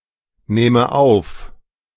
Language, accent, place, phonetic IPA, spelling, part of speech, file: German, Germany, Berlin, [ˌnɛːmə ˈaʊ̯f], nähme auf, verb, De-nähme auf.ogg
- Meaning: first/third-person singular subjunctive II of aufnehmen